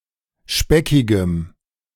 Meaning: strong dative masculine/neuter singular of speckig
- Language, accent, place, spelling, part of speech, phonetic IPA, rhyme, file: German, Germany, Berlin, speckigem, adjective, [ˈʃpɛkɪɡəm], -ɛkɪɡəm, De-speckigem.ogg